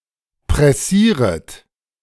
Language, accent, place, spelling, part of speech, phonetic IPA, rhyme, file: German, Germany, Berlin, pressieret, verb, [pʁɛˈsiːʁət], -iːʁət, De-pressieret.ogg
- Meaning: second-person plural subjunctive I of pressieren